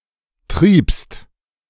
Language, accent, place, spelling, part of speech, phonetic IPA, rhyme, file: German, Germany, Berlin, triebst, verb, [tʁiːpst], -iːpst, De-triebst.ogg
- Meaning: second-person singular preterite of treiben